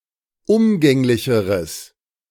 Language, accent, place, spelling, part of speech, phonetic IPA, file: German, Germany, Berlin, umgänglicheres, adjective, [ˈʊmɡɛŋlɪçəʁəs], De-umgänglicheres.ogg
- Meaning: strong/mixed nominative/accusative neuter singular comparative degree of umgänglich